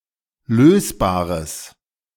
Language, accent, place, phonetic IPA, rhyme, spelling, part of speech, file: German, Germany, Berlin, [ˈløːsbaːʁəs], -øːsbaːʁəs, lösbares, adjective, De-lösbares.ogg
- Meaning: strong/mixed nominative/accusative neuter singular of lösbar